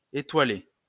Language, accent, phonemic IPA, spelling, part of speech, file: French, France, /e.twa.le/, étoilé, adjective / verb / noun, LL-Q150 (fra)-étoilé.wav
- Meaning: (adjective) 1. starry 2. starred (highly rated); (verb) past participle of étoiler; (noun) ellipsis of restaurant étoilé (“starred restaurant”)